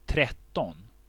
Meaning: thirteen
- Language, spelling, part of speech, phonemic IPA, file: Swedish, tretton, numeral, /ˈtrɛˌtːɔn/, Sv-tretton.ogg